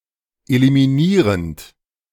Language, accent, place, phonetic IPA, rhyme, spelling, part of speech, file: German, Germany, Berlin, [elimiˈniːʁənt], -iːʁənt, eliminierend, verb, De-eliminierend.ogg
- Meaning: present participle of eliminieren